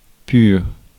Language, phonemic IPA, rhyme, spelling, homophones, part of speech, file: French, /pyʁ/, -yʁ, pur, pure / purent / pures / purs, adjective, Fr-pur.ogg
- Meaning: 1. pure (unspoilt) 2. pure (undiluted)